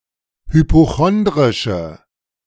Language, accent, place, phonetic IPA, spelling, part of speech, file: German, Germany, Berlin, [hypoˈxɔndʁɪʃə], hypochondrische, adjective, De-hypochondrische.ogg
- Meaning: inflection of hypochondrisch: 1. strong/mixed nominative/accusative feminine singular 2. strong nominative/accusative plural 3. weak nominative all-gender singular